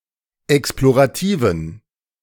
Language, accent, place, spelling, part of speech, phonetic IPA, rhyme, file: German, Germany, Berlin, explorativen, adjective, [ˌɛksploʁaˈtiːvn̩], -iːvn̩, De-explorativen.ogg
- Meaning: inflection of explorativ: 1. strong genitive masculine/neuter singular 2. weak/mixed genitive/dative all-gender singular 3. strong/weak/mixed accusative masculine singular 4. strong dative plural